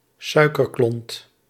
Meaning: a sugar cube, a sugar lump
- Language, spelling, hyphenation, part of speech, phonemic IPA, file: Dutch, suikerklont, sui‧ker‧klont, noun, /ˈsœy̯.kərˌklɔnt/, Nl-suikerklont.ogg